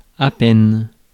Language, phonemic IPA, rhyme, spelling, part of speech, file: French, /pɛn/, -ɛn, peine, noun, Fr-peine.ogg
- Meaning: 1. punishment 2. psychological pain, sorrow 3. effort, trouble